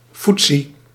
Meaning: gone, vanished, away
- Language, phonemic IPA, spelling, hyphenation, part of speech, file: Dutch, /ˈfut.si/, foetsie, foet‧sie, adjective, Nl-foetsie.ogg